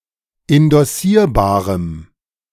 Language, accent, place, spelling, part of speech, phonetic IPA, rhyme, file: German, Germany, Berlin, indossierbarem, adjective, [ɪndɔˈsiːɐ̯baːʁəm], -iːɐ̯baːʁəm, De-indossierbarem.ogg
- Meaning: strong dative masculine/neuter singular of indossierbar